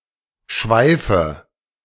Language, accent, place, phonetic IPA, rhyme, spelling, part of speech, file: German, Germany, Berlin, [ˈʃvaɪ̯fə], -aɪ̯fə, Schweife, noun, De-Schweife.ogg
- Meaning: nominative/accusative/genitive plural of Schweif